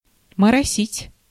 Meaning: 1. to drizzle 2. to be nervous, to fuss, to be slow, to act up, talk/do nonsense
- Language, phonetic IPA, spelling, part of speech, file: Russian, [mərɐˈsʲitʲ], моросить, verb, Ru-моросить.ogg